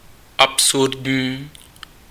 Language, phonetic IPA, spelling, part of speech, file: Czech, [ˈapsurdɲiː], absurdní, adjective, Cs-absurdní.ogg
- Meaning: absurd